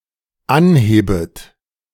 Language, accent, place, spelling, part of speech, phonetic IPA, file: German, Germany, Berlin, anhebet, verb, [ˈanˌheːbət], De-anhebet.ogg
- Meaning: second-person plural dependent subjunctive I of anheben